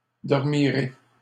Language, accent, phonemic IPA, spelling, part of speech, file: French, Canada, /dɔʁ.mi.ʁe/, dormirai, verb, LL-Q150 (fra)-dormirai.wav
- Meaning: first-person singular future of dormir